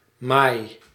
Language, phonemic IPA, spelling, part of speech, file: Dutch, /maj/, maai, noun / verb, Nl-maai.ogg
- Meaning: inflection of maaien: 1. first-person singular present indicative 2. second-person singular present indicative 3. imperative